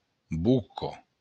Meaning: mouth
- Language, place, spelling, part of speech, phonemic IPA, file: Occitan, Béarn, boca, noun, /buko/, LL-Q14185 (oci)-boca.wav